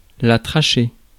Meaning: trachea
- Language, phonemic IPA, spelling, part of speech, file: French, /tʁa.ʃe/, trachée, noun, Fr-trachée.ogg